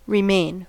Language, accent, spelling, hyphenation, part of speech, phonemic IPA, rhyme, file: English, US, remain, re‧main, noun / verb, /ɹɪˈmeɪn/, -eɪn, En-us-remain.ogg
- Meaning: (noun) 1. That which is left; relic; remainder 2. That which is left of a human being after the life is gone; relics; a dead body 3. Posthumous works or productions, especially literary works